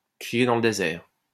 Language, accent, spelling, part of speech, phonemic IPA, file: French, France, crier dans le désert, verb, /kʁi.je dɑ̃ l(ə) de.zɛʁ/, LL-Q150 (fra)-crier dans le désert.wav
- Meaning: to be a voice crying in the wilderness